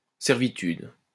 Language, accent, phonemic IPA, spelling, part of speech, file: French, France, /sɛʁ.vi.tyd/, servitude, noun, LL-Q150 (fra)-servitude.wav
- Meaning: 1. servitude, thralldom 2. easement